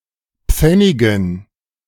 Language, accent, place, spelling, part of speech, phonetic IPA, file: German, Germany, Berlin, Pfennigen, noun, [ˈp͡fɛnɪɡn̩], De-Pfennigen.ogg
- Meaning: dative plural of Pfennig